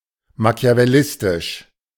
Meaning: Machiavellian
- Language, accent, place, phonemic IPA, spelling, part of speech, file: German, Germany, Berlin, /maki̯avɛˈlɪstɪʃ/, machiavellistisch, adjective, De-machiavellistisch.ogg